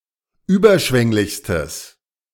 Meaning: strong/mixed nominative/accusative neuter singular superlative degree of überschwänglich
- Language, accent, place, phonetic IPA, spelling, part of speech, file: German, Germany, Berlin, [ˈyːbɐˌʃvɛŋlɪçstəs], überschwänglichstes, adjective, De-überschwänglichstes.ogg